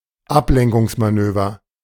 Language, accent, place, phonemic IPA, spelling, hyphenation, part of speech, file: German, Germany, Berlin, /ˈaplɛŋkʊŋsmaˌnøːvɐ/, Ablenkungsmanöver, Ab‧len‧kungs‧ma‧nö‧ver, noun, De-Ablenkungsmanöver.ogg
- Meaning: diversionary tactic